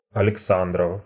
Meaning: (proper noun) a surname, Aleksandrov and Alexandrov; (adjective) Alexander's
- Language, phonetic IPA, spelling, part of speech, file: Russian, [ɐlʲɪkˈsandrəf], Александров, proper noun / adjective, Ru-Алекса́ндров.ogg